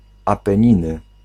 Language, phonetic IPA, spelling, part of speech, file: Polish, [ˌapɛ̃ˈɲĩnɨ], Apeniny, proper noun, Pl-Apeniny.ogg